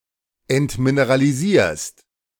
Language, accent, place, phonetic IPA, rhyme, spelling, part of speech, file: German, Germany, Berlin, [ɛntmineʁaliˈziːɐ̯st], -iːɐ̯st, entmineralisierst, verb, De-entmineralisierst.ogg
- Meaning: second-person singular present of entmineralisieren